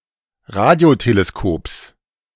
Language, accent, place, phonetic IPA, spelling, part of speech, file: German, Germany, Berlin, [ˈʁadi̯oteleˌskoːps], Radioteleskops, noun, De-Radioteleskops.ogg
- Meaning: genitive singular of Radioteleskop